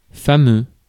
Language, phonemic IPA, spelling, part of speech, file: French, /fa.mø/, fameux, adjective, Fr-fameux.ogg
- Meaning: recognised, well-known, famous